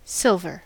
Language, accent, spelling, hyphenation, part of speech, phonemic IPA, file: English, US, silver, sil‧ver, noun / adjective / verb, /ˈsɪl.vɚ/, En-us-silver.ogg
- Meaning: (noun) 1. A lustrous, white, metallic element, atomic number 47, atomic weight 107.87, symbol Ag 2. Coins made from silver or any similar white metal